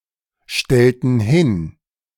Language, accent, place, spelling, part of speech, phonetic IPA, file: German, Germany, Berlin, stellten hin, verb, [ˌʃtɛltn̩ ˈhɪn], De-stellten hin.ogg
- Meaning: inflection of hinstellen: 1. first/third-person plural preterite 2. first/third-person plural subjunctive II